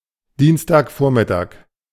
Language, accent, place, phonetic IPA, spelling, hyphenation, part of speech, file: German, Germany, Berlin, [ˈdiːnstaːkˌfoːɐ̯mɪtaːk], Dienstagvormittag, Diens‧tag‧vor‧mit‧tag, noun, De-Dienstagvormittag.ogg
- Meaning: Tuesday morning (time before noon)